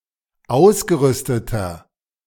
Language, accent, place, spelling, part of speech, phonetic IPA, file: German, Germany, Berlin, ausgerüsteter, adjective, [ˈaʊ̯sɡəˌʁʏstətɐ], De-ausgerüsteter.ogg
- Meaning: inflection of ausgerüstet: 1. strong/mixed nominative masculine singular 2. strong genitive/dative feminine singular 3. strong genitive plural